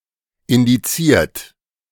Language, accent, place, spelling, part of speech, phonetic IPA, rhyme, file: German, Germany, Berlin, indiziert, verb, [ɪndiˈt͡siːɐ̯t], -iːɐ̯t, De-indiziert.ogg
- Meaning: 1. past participle of indizieren 2. inflection of indizieren: third-person singular present 3. inflection of indizieren: second-person plural present 4. inflection of indizieren: plural imperative